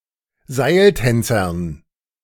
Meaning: dative plural of Seiltänzer
- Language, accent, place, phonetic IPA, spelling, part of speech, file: German, Germany, Berlin, [ˈzaɪ̯lˌtɛnt͡sɐn], Seiltänzern, noun, De-Seiltänzern.ogg